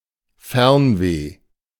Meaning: wanderlust (desire to travel, a longing for far-off places)
- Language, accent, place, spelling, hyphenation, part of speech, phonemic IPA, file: German, Germany, Berlin, Fernweh, Fern‧weh, noun, /ˈfɛʁnveː/, De-Fernweh.ogg